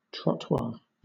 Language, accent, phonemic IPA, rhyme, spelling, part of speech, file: English, Southern England, /tɹɒtˈwɑː(ɹ)/, -ɑː(ɹ), trottoir, noun, LL-Q1860 (eng)-trottoir.wav
- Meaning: A paved path, for the use of pedestrians, located at the side of a road